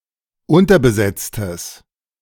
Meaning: strong/mixed nominative/accusative neuter singular of unterbesetzt
- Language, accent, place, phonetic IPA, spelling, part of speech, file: German, Germany, Berlin, [ˈʊntɐbəˌzɛt͡stəs], unterbesetztes, adjective, De-unterbesetztes.ogg